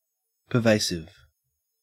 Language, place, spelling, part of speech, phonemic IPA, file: English, Queensland, pervasive, adjective, /pəˈvæɪ.sɪv/, En-au-pervasive.ogg
- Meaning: Manifested throughout; pervading, permeating, penetrating or affecting everything